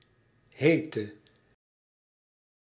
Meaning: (adjective) inflection of heet: 1. masculine/feminine singular attributive 2. definite neuter singular attributive 3. plural attributive; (verb) singular present subjunctive of heten
- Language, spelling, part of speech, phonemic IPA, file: Dutch, hete, adjective / verb, /ˈɦeːtə/, Nl-hete.ogg